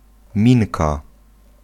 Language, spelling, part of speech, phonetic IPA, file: Polish, minka, noun, [ˈmʲĩnka], Pl-minka.ogg